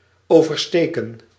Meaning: 1. to cross, to traverse 2. to protrude, stick out
- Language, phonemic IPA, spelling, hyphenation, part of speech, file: Dutch, /ˈoː.vərˌsteː.kə(n)/, oversteken, over‧ste‧ken, verb, Nl-oversteken.ogg